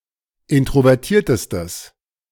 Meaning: strong/mixed nominative/accusative neuter singular superlative degree of introvertiert
- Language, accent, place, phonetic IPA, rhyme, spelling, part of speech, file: German, Germany, Berlin, [ˌɪntʁovɛʁˈtiːɐ̯təstəs], -iːɐ̯təstəs, introvertiertestes, adjective, De-introvertiertestes.ogg